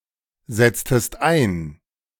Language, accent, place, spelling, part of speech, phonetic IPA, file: German, Germany, Berlin, setztest ein, verb, [ˌzɛt͡stəst ˈaɪ̯n], De-setztest ein.ogg
- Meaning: inflection of einsetzen: 1. second-person singular preterite 2. second-person singular subjunctive II